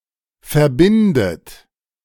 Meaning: inflection of verbinden: 1. third-person singular present 2. second-person plural present 3. second-person plural subjunctive I 4. plural imperative
- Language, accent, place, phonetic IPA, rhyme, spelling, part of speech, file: German, Germany, Berlin, [fɛɐ̯ˈbɪndət], -ɪndət, verbindet, verb, De-verbindet.ogg